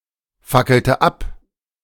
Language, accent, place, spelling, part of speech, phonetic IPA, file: German, Germany, Berlin, fackelte ab, verb, [ˌfakl̩tə ˈap], De-fackelte ab.ogg
- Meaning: inflection of abfackeln: 1. first/third-person singular preterite 2. first/third-person singular subjunctive II